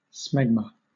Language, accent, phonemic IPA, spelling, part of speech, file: English, Southern England, /ˈsmɛɡmə/, smegma, noun, LL-Q1860 (eng)-smegma.wav
- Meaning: A whitish sebaceous secretion that collects between the glans penis and foreskin or in the vulva